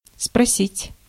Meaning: 1. to ask (to ask a question of) 2. to ask for, to request, to demand 3. to call to account, to hold accountable, to make answer (for), to confront, to challenge, to question
- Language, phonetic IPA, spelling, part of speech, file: Russian, [sprɐˈsʲitʲ], спросить, verb, Ru-спросить.ogg